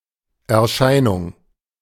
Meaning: 1. appearance (way of being perceived by others) 2. apparition, vision (act or instance of becoming perceptible, especially of something transcendent)
- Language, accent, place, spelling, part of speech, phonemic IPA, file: German, Germany, Berlin, Erscheinung, noun, /ɛɐ̯ˈʃaɪ̯nʊŋ/, De-Erscheinung.ogg